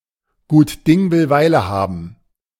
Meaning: good things are worth patience
- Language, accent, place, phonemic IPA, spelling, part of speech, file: German, Germany, Berlin, /ˌɡuːt ˈdɪŋ vɪl ˈvaɪ̯lə ˌhabn̩/, gut Ding will Weile haben, proverb, De-gut Ding will Weile haben.ogg